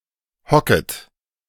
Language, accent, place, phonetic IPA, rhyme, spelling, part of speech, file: German, Germany, Berlin, [ˈhɔkət], -ɔkət, hocket, verb, De-hocket.ogg
- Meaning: second-person plural subjunctive I of hocken